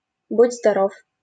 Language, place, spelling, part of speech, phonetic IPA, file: Russian, Saint Petersburg, будь здоров, interjection, [bʊd͡zʲ‿zdɐˈrof], LL-Q7737 (rus)-будь здоров.wav
- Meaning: 1. bless you, (US) gesundheit 2. goodbye, take care